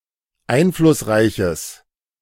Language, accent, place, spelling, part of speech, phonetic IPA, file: German, Germany, Berlin, einflussreiches, adjective, [ˈaɪ̯nflʊsˌʁaɪ̯çəs], De-einflussreiches.ogg
- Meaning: strong/mixed nominative/accusative neuter singular of einflussreich